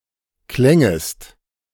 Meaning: second-person singular subjunctive II of klingen
- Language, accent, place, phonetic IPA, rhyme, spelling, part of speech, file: German, Germany, Berlin, [ˈklɛŋəst], -ɛŋəst, klängest, verb, De-klängest.ogg